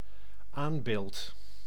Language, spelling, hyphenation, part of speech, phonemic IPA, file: Dutch, aanbeeld, aan‧beeld, noun, /ˈaːm.beːlt/, Nl-aanbeeld.ogg
- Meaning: alternative form of aambeeld